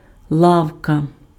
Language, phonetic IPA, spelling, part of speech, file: Ukrainian, [ˈɫau̯kɐ], лавка, noun, Uk-лавка.ogg
- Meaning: 1. diminutive of ла́ва (láva): bench 2. shop, store